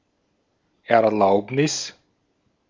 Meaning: permission (authorisation)
- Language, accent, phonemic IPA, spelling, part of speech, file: German, Austria, /ɛɐ̯ˈlaʊ̯pnɪs/, Erlaubnis, noun, De-at-Erlaubnis.ogg